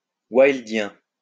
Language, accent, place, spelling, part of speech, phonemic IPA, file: French, France, Lyon, wildien, adjective, /wajl.djɛ̃/, LL-Q150 (fra)-wildien.wav
- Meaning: Wildean